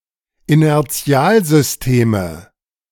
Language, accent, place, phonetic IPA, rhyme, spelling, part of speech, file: German, Germany, Berlin, [inɛʁˈt͡si̯aːlzʏsˌteːmə], -aːlzʏsteːmə, Inertialsysteme, noun, De-Inertialsysteme.ogg
- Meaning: nominative/accusative/genitive plural of Inertialsystem